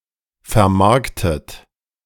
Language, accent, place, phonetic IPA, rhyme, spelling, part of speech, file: German, Germany, Berlin, [fɛɐ̯ˈmaʁktət], -aʁktət, vermarktet, verb, De-vermarktet.ogg
- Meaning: 1. past participle of vermarkten 2. inflection of vermarkten: third-person singular present 3. inflection of vermarkten: second-person plural present 4. inflection of vermarkten: plural imperative